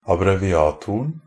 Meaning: definite singular of abbreviator
- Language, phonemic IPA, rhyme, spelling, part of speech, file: Norwegian Bokmål, /abreʋɪˈɑːtʊrn̩/, -ʊrn̩, abbreviatoren, noun, NB - Pronunciation of Norwegian Bokmål «abbreviatoren».ogg